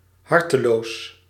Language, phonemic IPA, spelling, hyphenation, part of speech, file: Dutch, /ˈɦɑrtəloːs/, harteloos, har‧te‧loos, adjective, Nl-harteloos.ogg
- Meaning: heartless